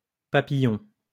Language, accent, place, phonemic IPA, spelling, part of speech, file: French, France, Lyon, /pa.pi.jɔ̃/, papillons, noun, LL-Q150 (fra)-papillons.wav
- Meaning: plural of papillon